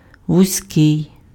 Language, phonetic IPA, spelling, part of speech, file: Ukrainian, [wʊzʲˈkɪi̯], вузький, adjective, Uk-вузький.ogg
- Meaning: narrow